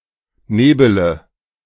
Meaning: inflection of nebeln: 1. first-person singular present 2. singular imperative 3. first/third-person singular subjunctive I
- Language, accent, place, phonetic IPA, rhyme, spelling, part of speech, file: German, Germany, Berlin, [ˈneːbələ], -eːbələ, nebele, verb, De-nebele.ogg